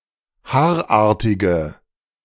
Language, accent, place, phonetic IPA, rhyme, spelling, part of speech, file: German, Germany, Berlin, [ˈhaːɐ̯ˌʔaːɐ̯tɪɡə], -aːɐ̯ʔaːɐ̯tɪɡə, haarartige, adjective, De-haarartige.ogg
- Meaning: inflection of haarartig: 1. strong/mixed nominative/accusative feminine singular 2. strong nominative/accusative plural 3. weak nominative all-gender singular